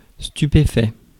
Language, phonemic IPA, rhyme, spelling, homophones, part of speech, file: French, /sty.pe.fɛ/, -ɛ, stupéfait, stupéfaits, adjective / verb, Fr-stupéfait.ogg
- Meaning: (adjective) astounded, astonished, dumbfounded; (verb) past participle of stupéfier ~ stupéfaire